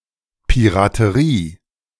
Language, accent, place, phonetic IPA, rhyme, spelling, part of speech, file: German, Germany, Berlin, [piʁatəˈʁiː], -iː, Piraterie, noun, De-Piraterie.ogg
- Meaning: piracy